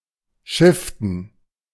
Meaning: to jibe, gybe (shift a fore-and-aft sail from one side of a sailing vessel to the other)
- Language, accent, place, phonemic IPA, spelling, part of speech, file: German, Germany, Berlin, /ˈʃɪftn̩/, schiften, verb, De-schiften.ogg